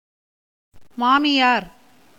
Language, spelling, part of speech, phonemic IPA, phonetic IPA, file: Tamil, மாமியார், noun, /mɑːmɪjɑːɾ/, [mäːmɪjäːɾ], Ta-மாமியார்.ogg
- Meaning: mother-in-law